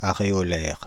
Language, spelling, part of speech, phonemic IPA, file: French, aréolaire, adjective, /a.ʁe.ɔ.lɛʁ/, Fr-aréolaire.ogg
- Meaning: areolar